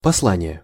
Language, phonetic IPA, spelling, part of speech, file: Russian, [pɐsˈɫanʲɪje], послание, noun, Ru-послание.ogg
- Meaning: 1. message, missive 2. epistle